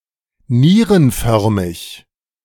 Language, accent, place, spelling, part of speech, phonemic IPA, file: German, Germany, Berlin, nierenförmig, adjective, /ˈniːʁənˌfœʁmɪç/, De-nierenförmig.ogg
- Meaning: kidney-shaped